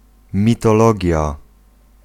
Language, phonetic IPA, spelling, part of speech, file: Polish, [ˌmʲitɔˈlɔɟja], mitologia, noun, Pl-mitologia.ogg